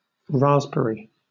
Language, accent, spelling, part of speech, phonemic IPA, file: English, Southern England, raspberry, noun / adjective / verb, /ˈɹɑːzb(ə)ɹi/, LL-Q1860 (eng)-raspberry.wav
- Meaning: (noun) 1. The plant Rubus idaeus 2. Any of many other (but not all) species in the genus Rubus 3. The juicy aggregate fruit of these plants 4. A red colour, the colour of a ripe raspberry